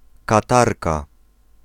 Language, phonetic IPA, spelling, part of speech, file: Polish, [kaˈtarka], Katarka, noun, Pl-Katarka.ogg